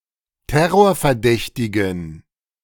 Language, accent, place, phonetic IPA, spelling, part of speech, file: German, Germany, Berlin, [ˈtɛʁoːɐ̯fɛɐ̯ˌdɛçtɪɡn̩], terrorverdächtigen, adjective, De-terrorverdächtigen.ogg
- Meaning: inflection of terrorverdächtig: 1. strong genitive masculine/neuter singular 2. weak/mixed genitive/dative all-gender singular 3. strong/weak/mixed accusative masculine singular